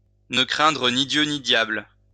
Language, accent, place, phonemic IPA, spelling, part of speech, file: French, France, Lyon, /nə kʁɛ̃.dʁə ni djø ni djabl/, ne craindre ni Dieu ni diable, verb, LL-Q150 (fra)-ne craindre ni Dieu ni diable.wav
- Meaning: to fear neither Heaven nor Hell, to be unscrupulous, to be lawless, to have no respect for any authority